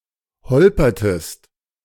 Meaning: inflection of holpern: 1. second-person singular preterite 2. second-person singular subjunctive II
- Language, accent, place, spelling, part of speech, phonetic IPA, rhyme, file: German, Germany, Berlin, holpertest, verb, [ˈhɔlpɐtəst], -ɔlpɐtəst, De-holpertest.ogg